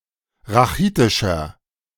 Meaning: inflection of rachitisch: 1. strong/mixed nominative masculine singular 2. strong genitive/dative feminine singular 3. strong genitive plural
- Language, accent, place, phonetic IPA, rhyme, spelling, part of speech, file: German, Germany, Berlin, [ʁaˈxiːtɪʃɐ], -iːtɪʃɐ, rachitischer, adjective, De-rachitischer.ogg